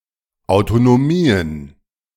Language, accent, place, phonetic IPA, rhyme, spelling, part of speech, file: German, Germany, Berlin, [aʊ̯tonoˈmiːən], -iːən, Autonomien, noun, De-Autonomien.ogg
- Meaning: plural of Autonomie